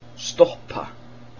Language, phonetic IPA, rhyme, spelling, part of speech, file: Icelandic, [ˈstɔhpa], -ɔhpa, stoppa, verb, Is-stoppa.ogg
- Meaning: 1. to stop, to come to a stop 2. to stop someone or something, to cause someone or something to come to a stop 3. to stuff 4. to darn